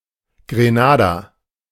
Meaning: Grenada (an island and country in the Caribbean)
- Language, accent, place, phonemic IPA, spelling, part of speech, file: German, Germany, Berlin, /ɡʁeˈnaːda/, Grenada, proper noun, De-Grenada.ogg